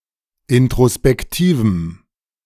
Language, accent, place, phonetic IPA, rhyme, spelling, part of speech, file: German, Germany, Berlin, [ɪntʁospɛkˈtiːvm̩], -iːvm̩, introspektivem, adjective, De-introspektivem.ogg
- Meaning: strong dative masculine/neuter singular of introspektiv